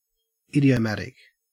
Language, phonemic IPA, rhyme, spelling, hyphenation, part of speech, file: English, /ˌɪd.iː.əˈmæt.ɪk/, -ætɪk, idiomatic, id‧i‧o‧mat‧ic, adjective / noun, En-au-idiomatic.ogg
- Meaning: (adjective) 1. Pertaining or conforming to idiom, the natural mode of expression of a language 2. Resembling or characteristic of an idiom 3. Using many idioms